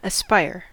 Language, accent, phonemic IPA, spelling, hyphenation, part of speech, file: English, US, /əˈspaɪɚ/, aspire, as‧pire, verb, En-us-aspire.ogg
- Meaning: 1. To have a strong desire or ambition to achieve something 2. To go as high as, to reach the top of (something) 3. To move upward; to be very tall